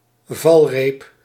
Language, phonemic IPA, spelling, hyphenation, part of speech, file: Dutch, /ˈvɑl.reːp/, valreep, val‧reep, noun, Nl-valreep.ogg
- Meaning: 1. rope ladder; originally a single rope with knots 2. opening in a ship's railings 3. accommodation ladder